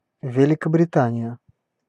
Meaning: Great Britain (a large island (sometimes also including some of the surrounding smaller islands) off the north-west coast of Western Europe, made up of England, Scotland, and Wales)
- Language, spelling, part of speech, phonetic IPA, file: Russian, Великобритания, proper noun, [vʲɪlʲɪkəbrʲɪˈtanʲɪjə], Ru-Великобритания.ogg